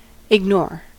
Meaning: 1. To deliberately not listen or pay attention to 2. To pretend to not notice someone or something 3. Fail to notice 4. Not to know
- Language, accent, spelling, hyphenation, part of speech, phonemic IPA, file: English, US, ignore, ig‧nore, verb, /ɪɡˈnoɹ/, En-us-ignore.ogg